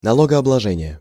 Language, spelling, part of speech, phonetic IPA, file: Russian, налогообложение, noun, [nɐˌɫoɡɐɐbɫɐˈʐɛnʲɪje], Ru-налогообложение.ogg
- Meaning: taxation, taxing, imposition of tax